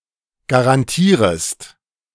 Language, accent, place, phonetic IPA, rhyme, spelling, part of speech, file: German, Germany, Berlin, [ɡaʁanˈtiːʁəst], -iːʁəst, garantierest, verb, De-garantierest.ogg
- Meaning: second-person singular subjunctive I of garantieren